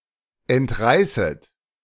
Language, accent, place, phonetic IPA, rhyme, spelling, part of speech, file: German, Germany, Berlin, [ɛntˈʁaɪ̯sət], -aɪ̯sət, entreißet, verb, De-entreißet.ogg
- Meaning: second-person plural subjunctive I of entreißen